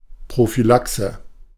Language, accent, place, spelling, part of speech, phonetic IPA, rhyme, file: German, Germany, Berlin, Prophylaxe, noun, [pʁofyˈlaksə], -aksə, De-Prophylaxe.ogg
- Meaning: prophylaxis